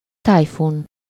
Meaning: typhoon
- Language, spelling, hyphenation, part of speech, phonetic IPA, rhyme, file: Hungarian, tájfun, táj‧fun, noun, [ˈtaːjfun], -un, Hu-tájfun.ogg